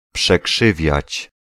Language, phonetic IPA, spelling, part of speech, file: Polish, [pʃɛˈkʃɨvʲjät͡ɕ], przekrzywiać, verb, Pl-przekrzywiać.ogg